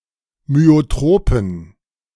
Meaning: inflection of myotrop: 1. strong genitive masculine/neuter singular 2. weak/mixed genitive/dative all-gender singular 3. strong/weak/mixed accusative masculine singular 4. strong dative plural
- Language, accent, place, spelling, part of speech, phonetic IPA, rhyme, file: German, Germany, Berlin, myotropen, adjective, [myoˈtʁoːpn̩], -oːpn̩, De-myotropen.ogg